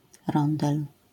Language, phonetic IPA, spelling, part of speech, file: Polish, [ˈrɔ̃ndɛl], rondel, noun, LL-Q809 (pol)-rondel.wav